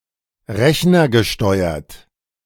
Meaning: computer-controlled
- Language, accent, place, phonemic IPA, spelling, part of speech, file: German, Germany, Berlin, /ˈʁɛçnɐɡəˌʃtɔɪ̯ɐt/, rechnergesteuert, adjective, De-rechnergesteuert.ogg